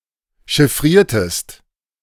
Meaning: inflection of chiffrieren: 1. second-person singular preterite 2. second-person singular subjunctive II
- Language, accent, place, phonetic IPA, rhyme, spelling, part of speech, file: German, Germany, Berlin, [ʃɪˈfʁiːɐ̯təst], -iːɐ̯təst, chiffriertest, verb, De-chiffriertest.ogg